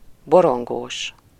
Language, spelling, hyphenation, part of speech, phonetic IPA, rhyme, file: Hungarian, borongós, bo‧ron‧gós, adjective, [ˈboroŋɡoːʃ], -oːʃ, Hu-borongós.ogg
- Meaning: murky, gloomy